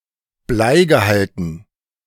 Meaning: dative plural of Bleigehalt
- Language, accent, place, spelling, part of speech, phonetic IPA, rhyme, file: German, Germany, Berlin, Bleigehalten, noun, [ˈblaɪ̯ɡəˌhaltn̩], -aɪ̯ɡəhaltn̩, De-Bleigehalten.ogg